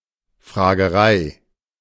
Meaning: badgering, lots of annoying questions
- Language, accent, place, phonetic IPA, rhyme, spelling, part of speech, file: German, Germany, Berlin, [fʁaːɡəˈʁaɪ̯], -aɪ̯, Fragerei, noun, De-Fragerei.ogg